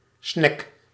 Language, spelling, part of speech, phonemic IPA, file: Dutch, snack, noun / verb, /snɛk/, Nl-snack.ogg
- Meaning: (noun) snack; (verb) inflection of snacken: 1. first-person singular present indicative 2. second-person singular present indicative 3. imperative